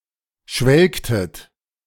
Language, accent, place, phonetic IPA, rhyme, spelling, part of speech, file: German, Germany, Berlin, [ˈʃvɛlktət], -ɛlktət, schwelgtet, verb, De-schwelgtet.ogg
- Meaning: inflection of schwelgen: 1. second-person plural preterite 2. second-person plural subjunctive II